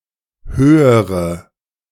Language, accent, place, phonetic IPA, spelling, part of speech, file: German, Germany, Berlin, [ˈhøːəʁə], höhere, adjective, De-höhere.ogg
- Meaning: inflection of hoch: 1. strong/mixed nominative/accusative feminine singular comparative degree 2. strong nominative/accusative plural comparative degree